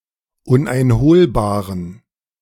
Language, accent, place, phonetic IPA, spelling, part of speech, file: German, Germany, Berlin, [ˌʊnʔaɪ̯nˈhoːlbaːʁən], uneinholbaren, adjective, De-uneinholbaren.ogg
- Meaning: inflection of uneinholbar: 1. strong genitive masculine/neuter singular 2. weak/mixed genitive/dative all-gender singular 3. strong/weak/mixed accusative masculine singular 4. strong dative plural